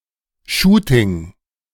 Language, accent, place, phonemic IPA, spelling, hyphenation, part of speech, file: German, Germany, Berlin, /ˈʃuːtɪŋ/, Shooting, Shoo‧ting, noun, De-Shooting.ogg
- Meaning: photo shoot